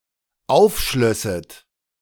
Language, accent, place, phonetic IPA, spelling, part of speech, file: German, Germany, Berlin, [ˈaʊ̯fˌʃlœsət], aufschlösset, verb, De-aufschlösset.ogg
- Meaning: second-person plural dependent subjunctive II of aufschließen